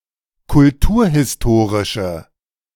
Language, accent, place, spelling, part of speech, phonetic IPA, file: German, Germany, Berlin, kulturhistorische, adjective, [kʊlˈtuːɐ̯hɪsˌtoːʁɪʃə], De-kulturhistorische.ogg
- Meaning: inflection of kulturhistorisch: 1. strong/mixed nominative/accusative feminine singular 2. strong nominative/accusative plural 3. weak nominative all-gender singular